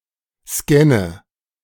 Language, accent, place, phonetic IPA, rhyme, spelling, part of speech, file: German, Germany, Berlin, [ˈskɛnə], -ɛnə, scanne, verb, De-scanne.ogg
- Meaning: inflection of scannen: 1. first-person singular present 2. first/third-person singular subjunctive I 3. singular imperative